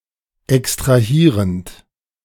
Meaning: present participle of extrahieren
- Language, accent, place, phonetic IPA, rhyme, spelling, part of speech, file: German, Germany, Berlin, [ɛkstʁaˈhiːʁənt], -iːʁənt, extrahierend, verb, De-extrahierend.ogg